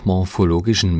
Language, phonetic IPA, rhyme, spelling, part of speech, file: German, [mɔʁfoˈloːɡɪʃn̩], -oːɡɪʃn̩, morphologischen, adjective, De-morphologischen.ogg
- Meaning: inflection of morphologisch: 1. strong genitive masculine/neuter singular 2. weak/mixed genitive/dative all-gender singular 3. strong/weak/mixed accusative masculine singular 4. strong dative plural